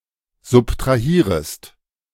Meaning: second-person singular subjunctive I of subtrahieren
- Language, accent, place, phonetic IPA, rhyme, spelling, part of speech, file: German, Germany, Berlin, [zʊptʁaˈhiːʁəst], -iːʁəst, subtrahierest, verb, De-subtrahierest.ogg